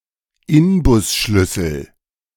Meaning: hex key, Allen key
- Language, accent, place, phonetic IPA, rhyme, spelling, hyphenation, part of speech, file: German, Germany, Berlin, [ˈɪnbʊsˌʃlʏsl̩], -ʏsl̩, Inbusschlüssel, In‧bus‧schlüs‧sel, noun, De-Inbusschlüssel.ogg